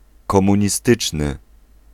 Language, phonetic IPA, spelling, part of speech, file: Polish, [ˌkɔ̃mũɲiˈstɨt͡ʃnɨ], komunistyczny, adjective, Pl-komunistyczny.ogg